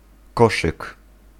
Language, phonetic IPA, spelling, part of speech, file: Polish, [ˈkɔʃɨk], koszyk, noun, Pl-koszyk.ogg